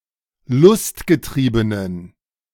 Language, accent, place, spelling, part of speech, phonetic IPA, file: German, Germany, Berlin, lustgetriebenen, adjective, [ˈlʊstɡəˌtʁiːbənən], De-lustgetriebenen.ogg
- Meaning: inflection of lustgetrieben: 1. strong genitive masculine/neuter singular 2. weak/mixed genitive/dative all-gender singular 3. strong/weak/mixed accusative masculine singular 4. strong dative plural